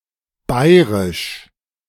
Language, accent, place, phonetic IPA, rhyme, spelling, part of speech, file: German, Germany, Berlin, [ˈbaɪ̯ʁɪʃ], -aɪ̯ʁɪʃ, bairisch, adjective, De-bairisch.ogg
- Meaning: 1. of the Bavarian tribe, especially before the creation of the Holy Roman Empire 2. of the Bavarian dialect(s) of the German language 3. obsolete form of bayrisch (“of Bavaria in other contexts”)